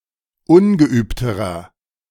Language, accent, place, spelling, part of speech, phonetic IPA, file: German, Germany, Berlin, ungeübterer, adjective, [ˈʊnɡəˌʔyːptəʁɐ], De-ungeübterer.ogg
- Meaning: inflection of ungeübt: 1. strong/mixed nominative masculine singular comparative degree 2. strong genitive/dative feminine singular comparative degree 3. strong genitive plural comparative degree